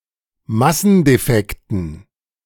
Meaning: dative plural of Massendefekt
- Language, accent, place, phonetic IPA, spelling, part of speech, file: German, Germany, Berlin, [ˈmasn̩deˌfɛktn̩], Massendefekten, noun, De-Massendefekten.ogg